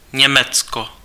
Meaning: Germany (a country in Central Europe; official name: Spolková republika Německo)
- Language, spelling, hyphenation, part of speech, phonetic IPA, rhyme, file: Czech, Německo, Ně‧mec‧ko, proper noun, [ˈɲɛmɛt͡sko], -ɛtsko, Cs-Německo.ogg